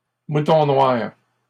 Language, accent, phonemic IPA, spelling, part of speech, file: French, Canada, /mu.tɔ̃ nwaʁ/, mouton noir, noun, LL-Q150 (fra)-mouton noir.wav
- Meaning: a black sheep